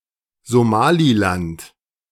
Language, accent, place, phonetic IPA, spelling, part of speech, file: German, Germany, Berlin, [zoˈmaːlilant], Somaliland, proper noun, De-Somaliland.ogg
- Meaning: Somaliland (a geographic region and de facto independent unrecognized state in East Africa, internationally recognized as part of Somalia; formerly the Somali Coast Protectorate)